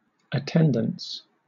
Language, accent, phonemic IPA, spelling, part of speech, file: English, Southern England, /əˈtɛn.dəns/, attendance, noun, LL-Q1860 (eng)-attendance.wav
- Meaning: 1. The act of attending; the state of being present; presence 2. A tally or listing of the persons present 3. The frequency with which one has been present for a regular activity or set of events